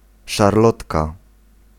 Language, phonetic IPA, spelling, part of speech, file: Polish, [ʃarˈlɔtka], szarlotka, noun, Pl-szarlotka.ogg